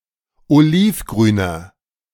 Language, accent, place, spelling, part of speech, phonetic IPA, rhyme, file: German, Germany, Berlin, olivgrüner, adjective, [oˈliːfˌɡʁyːnɐ], -iːfɡʁyːnɐ, De-olivgrüner.ogg
- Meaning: inflection of olivgrün: 1. strong/mixed nominative masculine singular 2. strong genitive/dative feminine singular 3. strong genitive plural